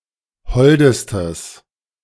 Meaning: strong/mixed nominative/accusative neuter singular superlative degree of hold
- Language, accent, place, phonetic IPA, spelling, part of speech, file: German, Germany, Berlin, [ˈhɔldəstəs], holdestes, adjective, De-holdestes.ogg